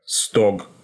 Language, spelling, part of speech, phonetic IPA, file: Russian, стог, noun, [stok], Ru-стог.ogg
- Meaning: haystack, stack, haycock, hayrick